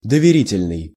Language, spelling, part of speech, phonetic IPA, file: Russian, доверительный, adjective, [dəvʲɪˈrʲitʲɪlʲnɨj], Ru-доверительный.ogg
- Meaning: 1. confidential, secret 2. trusting, confiding 3. warrant, power of attorney; trust, confidence